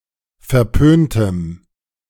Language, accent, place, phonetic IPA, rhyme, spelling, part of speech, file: German, Germany, Berlin, [fɛɐ̯ˈpøːntəm], -øːntəm, verpöntem, adjective, De-verpöntem.ogg
- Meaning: strong dative masculine/neuter singular of verpönt